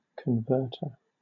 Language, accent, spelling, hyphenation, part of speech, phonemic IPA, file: English, Southern England, converter, con‧vert‧er, noun, /kənˈvɜːtə/, LL-Q1860 (eng)-converter.wav
- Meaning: 1. A person or thing that converts 2. A person or thing that converts.: A device that changes voltage or frequency, for example one that converts alternating current to direct current